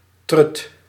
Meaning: 1. bitch (pejorative term for a woman) 2. boring, narrow-minded or slow person 3. pussy, cunt (vulva or vagina)
- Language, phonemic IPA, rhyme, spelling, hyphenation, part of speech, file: Dutch, /trʏt/, -ʏt, trut, trut, noun, Nl-trut.ogg